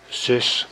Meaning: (noun) sister; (adverb) so, in such a way
- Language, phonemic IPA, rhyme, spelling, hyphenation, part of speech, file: Dutch, /zʏs/, -ʏs, zus, zus, noun / adverb, Nl-zus.ogg